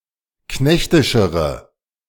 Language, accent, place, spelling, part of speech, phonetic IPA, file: German, Germany, Berlin, knechtischere, adjective, [ˈknɛçtɪʃəʁə], De-knechtischere.ogg
- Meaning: inflection of knechtisch: 1. strong/mixed nominative/accusative feminine singular comparative degree 2. strong nominative/accusative plural comparative degree